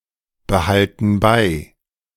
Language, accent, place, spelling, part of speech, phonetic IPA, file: German, Germany, Berlin, behalten bei, verb, [bəˌhaltn̩ ˈbaɪ̯], De-behalten bei.ogg
- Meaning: inflection of beibehalten: 1. first/third-person plural present 2. first/third-person plural subjunctive I